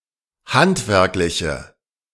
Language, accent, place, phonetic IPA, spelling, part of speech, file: German, Germany, Berlin, [ˈhantvɛʁklɪçə], handwerkliche, adjective, De-handwerkliche.ogg
- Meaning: inflection of handwerklich: 1. strong/mixed nominative/accusative feminine singular 2. strong nominative/accusative plural 3. weak nominative all-gender singular